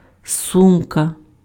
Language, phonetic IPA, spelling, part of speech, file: Ukrainian, [ˈsumkɐ], сумка, noun, Uk-сумка.ogg
- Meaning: 1. bag, handbag (US: purse) 2. pouch 3. satchel 4. wallet